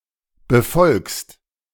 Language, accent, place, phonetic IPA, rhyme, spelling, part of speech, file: German, Germany, Berlin, [bəˈfɔlkst], -ɔlkst, befolgst, verb, De-befolgst.ogg
- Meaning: second-person singular present of befolgen